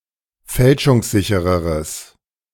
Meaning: strong/mixed nominative/accusative neuter singular comparative degree of fälschungssicher
- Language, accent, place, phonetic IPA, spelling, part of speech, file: German, Germany, Berlin, [ˈfɛlʃʊŋsˌzɪçəʁəʁəs], fälschungssichereres, adjective, De-fälschungssichereres.ogg